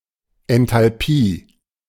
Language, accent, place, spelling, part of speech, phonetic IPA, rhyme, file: German, Germany, Berlin, Enthalpie, noun, [ɛntalˈpiː], -iː, De-Enthalpie.ogg
- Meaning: enthalpy